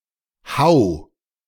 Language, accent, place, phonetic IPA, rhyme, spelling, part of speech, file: German, Germany, Berlin, [haʊ̯], -aʊ̯, hau, verb, De-hau.ogg
- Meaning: 1. singular imperative of hauen 2. first-person singular present of hauen